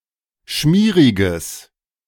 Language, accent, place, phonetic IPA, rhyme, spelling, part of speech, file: German, Germany, Berlin, [ˈʃmiːʁɪɡəs], -iːʁɪɡəs, schmieriges, adjective, De-schmieriges.ogg
- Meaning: strong/mixed nominative/accusative neuter singular of schmierig